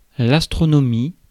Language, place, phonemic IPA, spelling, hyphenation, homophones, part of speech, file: French, Paris, /as.tʁɔ.nɔ.mi/, astronomie, as‧tro‧no‧mie, astronomies, noun, Fr-astronomie.ogg
- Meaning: astronomy